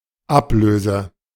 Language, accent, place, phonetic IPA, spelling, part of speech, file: German, Germany, Berlin, [ˈapˌløːzə], Ablöse, noun, De-Ablöse.ogg
- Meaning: 1. supersession, overhaul 2. ellipsis of Ablösesumme or Ablösegeld: one-off payment (to previous tenant for immovable installations) 3. ellipsis of Ablösesumme or Ablösegeld: transfer fee